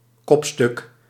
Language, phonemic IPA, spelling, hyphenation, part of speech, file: Dutch, /ˈkɔp.stʏk/, kopstuk, kop‧stuk, noun, Nl-kopstuk.ogg
- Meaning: 1. chief, leader 2. protagonist